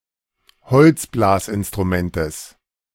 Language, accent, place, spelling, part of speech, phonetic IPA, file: German, Germany, Berlin, Holzblasinstrumentes, noun, [ˈhɔlt͡sˌblaːsʔɪnstʁuˌmɛntəs], De-Holzblasinstrumentes.ogg
- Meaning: genitive singular of Holzblasinstrument